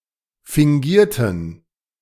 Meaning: inflection of fingieren: 1. first/third-person plural preterite 2. first/third-person plural subjunctive II
- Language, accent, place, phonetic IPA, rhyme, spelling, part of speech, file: German, Germany, Berlin, [fɪŋˈɡiːɐ̯tn̩], -iːɐ̯tn̩, fingierten, adjective / verb, De-fingierten.ogg